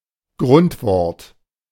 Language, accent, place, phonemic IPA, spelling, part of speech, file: German, Germany, Berlin, /ˈɡʁʊntvɔʁt/, Grundwort, noun, De-Grundwort.ogg
- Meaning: primary word (usually the last element in a German compound word)